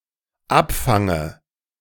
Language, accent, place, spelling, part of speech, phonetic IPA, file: German, Germany, Berlin, abfange, verb, [ˈapˌfaŋə], De-abfange.ogg
- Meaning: inflection of abfangen: 1. first-person singular dependent present 2. first/third-person singular dependent subjunctive I